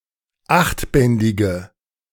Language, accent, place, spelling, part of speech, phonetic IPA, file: German, Germany, Berlin, achtbändige, adjective, [ˈaxtˌbɛndɪɡə], De-achtbändige.ogg
- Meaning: inflection of achtbändig: 1. strong/mixed nominative/accusative feminine singular 2. strong nominative/accusative plural 3. weak nominative all-gender singular